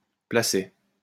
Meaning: petition, appeal
- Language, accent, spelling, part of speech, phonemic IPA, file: French, France, placet, noun, /pla.sɛ/, LL-Q150 (fra)-placet.wav